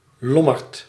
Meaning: 1. pawnshop, pawnbroker's shop 2. pawnbroker
- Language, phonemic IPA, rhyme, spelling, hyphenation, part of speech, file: Dutch, /ˈlɔ.mərt/, -ɔmərt, lommerd, lom‧merd, noun, Nl-lommerd.ogg